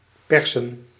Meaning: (verb) 1. to press tight, to squeeze 2. to extort; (noun) plural of pers
- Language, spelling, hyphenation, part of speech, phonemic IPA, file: Dutch, persen, per‧sen, verb / noun, /ˈpɛrsə(n)/, Nl-persen.ogg